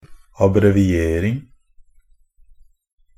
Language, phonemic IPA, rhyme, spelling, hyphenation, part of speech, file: Norwegian Bokmål, /abrɛʋɪˈeːrɪŋ/, -ɪŋ, abbreviering, ab‧bre‧vi‧er‧ing, noun, NB - Pronunciation of Norwegian Bokmål «abbreviering».ogg
- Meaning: an abbreviation; the act of abbreviating